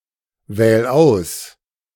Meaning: 1. singular imperative of auswählen 2. first-person singular present of auswählen
- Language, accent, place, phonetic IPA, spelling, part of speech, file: German, Germany, Berlin, [ˌvɛːl ˈaʊ̯s], wähl aus, verb, De-wähl aus.ogg